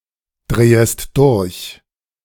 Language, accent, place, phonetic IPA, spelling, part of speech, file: German, Germany, Berlin, [ˌdʁeːəst ˈdʊʁç], drehest durch, verb, De-drehest durch.ogg
- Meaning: second-person singular subjunctive I of durchdrehen